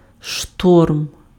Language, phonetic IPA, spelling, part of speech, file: Ukrainian, [ʃtɔrm], шторм, noun, Uk-шторм.ogg
- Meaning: storm, tempest (especially at sea)